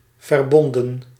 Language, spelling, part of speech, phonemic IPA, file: Dutch, verbonden, verb / noun, /vərˈbɔndə(n)/, Nl-verbonden.ogg
- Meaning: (noun) plural of verbond; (verb) 1. inflection of verbinden: plural past indicative 2. inflection of verbinden: plural past subjunctive 3. past participle of verbinden